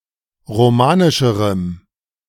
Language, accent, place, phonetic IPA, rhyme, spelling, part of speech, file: German, Germany, Berlin, [ʁoˈmaːnɪʃəʁəm], -aːnɪʃəʁəm, romanischerem, adjective, De-romanischerem.ogg
- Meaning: strong dative masculine/neuter singular comparative degree of romanisch